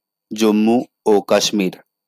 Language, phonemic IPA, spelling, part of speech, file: Bengali, /dʑom.mu o kaʃ.miɹ/, জম্মু ও কাশ্মীর, proper noun, LL-Q9610 (ben)-জম্মু ও কাশ্মীর.wav
- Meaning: Jammu and Kashmir (a union territory of India)